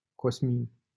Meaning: a male given name comparable to Cosmo
- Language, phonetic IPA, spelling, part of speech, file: Romanian, [ˈkos.min], Cosmin, proper noun, LL-Q7913 (ron)-Cosmin.wav